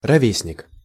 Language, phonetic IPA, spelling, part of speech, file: Russian, [rɐˈvʲesnʲɪk], ровесник, noun, Ru-ровесник.ogg
- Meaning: contemporary, age-mate (one who is the same age as another)